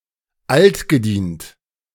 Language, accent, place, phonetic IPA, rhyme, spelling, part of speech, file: German, Germany, Berlin, [ˈaltɡəˌdiːnt], -iːnt, altgedient, adjective, De-altgedient.ogg
- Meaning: veteran